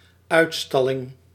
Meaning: 1. sale display, shop display 2. exhibition
- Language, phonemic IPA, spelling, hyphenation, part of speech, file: Dutch, /ˈœy̯tˌstɑ.lɪŋ/, uitstalling, uit‧stal‧ling, noun, Nl-uitstalling.ogg